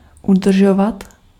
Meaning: to maintain
- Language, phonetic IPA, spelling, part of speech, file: Czech, [ˈudr̩ʒovat], udržovat, verb, Cs-udržovat.ogg